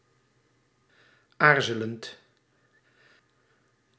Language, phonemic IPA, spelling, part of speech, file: Dutch, /ˈarzələnt/, aarzelend, verb / adjective, Nl-aarzelend.ogg
- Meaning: present participle of aarzelen